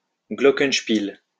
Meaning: glockenspiel
- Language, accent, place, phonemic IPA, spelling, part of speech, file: French, France, Lyon, /ɡlɔ.kənʃ.pil/, glockenspiel, noun, LL-Q150 (fra)-glockenspiel.wav